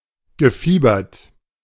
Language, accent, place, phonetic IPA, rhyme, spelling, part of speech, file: German, Germany, Berlin, [ɡəˈfiːbɐt], -iːbɐt, gefiebert, verb, De-gefiebert.ogg
- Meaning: past participle of fiebern